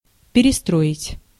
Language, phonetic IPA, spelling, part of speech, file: Russian, [pʲɪrʲɪˈstroɪtʲ], перестроить, verb, Ru-перестроить.ogg
- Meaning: 1. to rebuild, to reconstruct 2. to tune, to attune 3. to switch over 4. to reorganize, to rearrange, to reform 5. to re-form